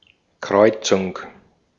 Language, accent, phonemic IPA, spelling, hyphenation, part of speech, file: German, Austria, /ˈkʁɔɪ̯t͡sʊŋ/, Kreuzung, Kreu‧zung, noun, De-at-Kreuzung.ogg
- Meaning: 1. crossing, intersection 2. crossbreeding 3. crossbreed